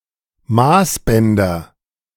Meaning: nominative/accusative/genitive plural of Maßband
- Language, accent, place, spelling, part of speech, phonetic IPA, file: German, Germany, Berlin, Maßbänder, noun, [ˈmaːsˌbɛndɐ], De-Maßbänder.ogg